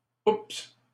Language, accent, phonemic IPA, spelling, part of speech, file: French, Canada, /ups/, oups, interjection, LL-Q150 (fra)-oups.wav
- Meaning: oops, whoops